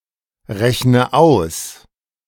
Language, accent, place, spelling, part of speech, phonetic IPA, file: German, Germany, Berlin, rechne aus, verb, [ˌʁɛçnə ˈaʊ̯s], De-rechne aus.ogg
- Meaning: inflection of ausrechnen: 1. first-person singular present 2. first/third-person singular subjunctive I 3. singular imperative